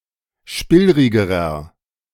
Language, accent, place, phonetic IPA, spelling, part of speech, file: German, Germany, Berlin, [ˈʃpɪlʁɪɡəʁɐ], spillrigerer, adjective, De-spillrigerer.ogg
- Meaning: inflection of spillrig: 1. strong/mixed nominative masculine singular comparative degree 2. strong genitive/dative feminine singular comparative degree 3. strong genitive plural comparative degree